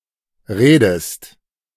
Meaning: inflection of reden: 1. second-person singular present 2. second-person singular subjunctive I
- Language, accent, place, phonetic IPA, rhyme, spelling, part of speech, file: German, Germany, Berlin, [ˈʁeːdəst], -eːdəst, redest, verb, De-redest.ogg